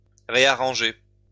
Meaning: to rearrange
- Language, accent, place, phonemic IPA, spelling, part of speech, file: French, France, Lyon, /ʁe.a.ʁɑ̃.ʒe/, réarranger, verb, LL-Q150 (fra)-réarranger.wav